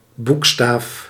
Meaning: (noun) letter; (verb) inflection of boekstaven: 1. first-person singular present indicative 2. second-person singular present indicative 3. imperative
- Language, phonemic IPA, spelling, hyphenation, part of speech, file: Dutch, /ˈbuk.staːf/, boekstaaf, boek‧staaf, noun / verb, Nl-boekstaaf.ogg